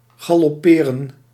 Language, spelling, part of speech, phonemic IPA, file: Dutch, galopperen, verb, /ɣɑlɔˈpeːrə(n)/, Nl-galopperen.ogg
- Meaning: to gallop